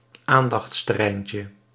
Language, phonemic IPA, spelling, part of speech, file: Dutch, /ˈandɑx(t)stəˌrɛincə/, aandachtsterreintje, noun, Nl-aandachtsterreintje.ogg
- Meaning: diminutive of aandachtsterrein